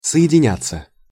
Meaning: 1. to unite 2. to connect, to join 3. to get connected, to get linked, to connect 4. to combine 5. passive of соединя́ть (sojedinjátʹ)
- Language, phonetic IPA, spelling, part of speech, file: Russian, [sə(j)ɪdʲɪˈnʲat͡sːə], соединяться, verb, Ru-соединяться.ogg